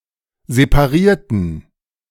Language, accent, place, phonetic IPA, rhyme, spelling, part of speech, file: German, Germany, Berlin, [zepaˈʁiːɐ̯tn̩], -iːɐ̯tn̩, separierten, adjective / verb, De-separierten.ogg
- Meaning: inflection of separieren: 1. first/third-person plural preterite 2. first/third-person plural subjunctive II